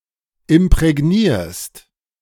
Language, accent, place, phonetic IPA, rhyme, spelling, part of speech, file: German, Germany, Berlin, [ɪmpʁɛˈɡniːɐ̯st], -iːɐ̯st, imprägnierst, verb, De-imprägnierst.ogg
- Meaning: second-person singular present of imprägnieren